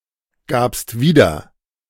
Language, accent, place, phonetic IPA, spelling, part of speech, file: German, Germany, Berlin, [ˌɡaːpst ˈviːdɐ], gabst wieder, verb, De-gabst wieder.ogg
- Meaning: second-person singular preterite of wiedergeben